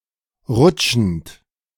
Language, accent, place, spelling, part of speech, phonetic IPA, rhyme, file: German, Germany, Berlin, rutschend, verb, [ˈʁʊt͡ʃn̩t], -ʊt͡ʃn̩t, De-rutschend.ogg
- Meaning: present participle of rutschen